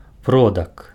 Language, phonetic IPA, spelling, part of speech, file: Belarusian, [ˈprodak], продак, noun, Be-продак.ogg
- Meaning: ancestor